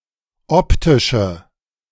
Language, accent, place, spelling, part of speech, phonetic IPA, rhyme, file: German, Germany, Berlin, optische, adjective, [ˈɔptɪʃə], -ɔptɪʃə, De-optische.ogg
- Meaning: inflection of optisch: 1. strong/mixed nominative/accusative feminine singular 2. strong nominative/accusative plural 3. weak nominative all-gender singular 4. weak accusative feminine/neuter singular